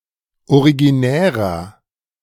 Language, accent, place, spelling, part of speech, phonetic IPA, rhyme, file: German, Germany, Berlin, originärer, adjective, [oʁiɡiˈnɛːʁɐ], -ɛːʁɐ, De-originärer.ogg
- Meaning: 1. comparative degree of originär 2. inflection of originär: strong/mixed nominative masculine singular 3. inflection of originär: strong genitive/dative feminine singular